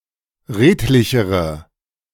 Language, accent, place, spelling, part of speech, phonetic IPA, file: German, Germany, Berlin, redlichere, adjective, [ˈʁeːtlɪçəʁə], De-redlichere.ogg
- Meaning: inflection of redlich: 1. strong/mixed nominative/accusative feminine singular comparative degree 2. strong nominative/accusative plural comparative degree